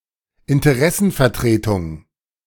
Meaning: representation of interests, lobby
- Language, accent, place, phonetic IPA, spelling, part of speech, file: German, Germany, Berlin, [ɪntəˈʁɛsn̩fɛɐ̯ˌtʁeːtʊŋ], Interessenvertretung, noun, De-Interessenvertretung.ogg